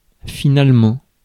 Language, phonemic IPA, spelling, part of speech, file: French, /fi.nal.mɑ̃/, finalement, adverb, Fr-finalement.ogg
- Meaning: 1. finally; last; lastly 2. finally; eventually; after all